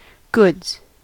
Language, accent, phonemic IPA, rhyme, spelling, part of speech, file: English, General American, /ɡʊdz/, -ʊdz, goods, noun / verb, En-us-goods.ogg
- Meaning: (noun) 1. plural of good 2. That which is produced, then traded, bought or sold, then finally consumed 3. Freight, as opposed to passengers 4. Ellipsis of goods train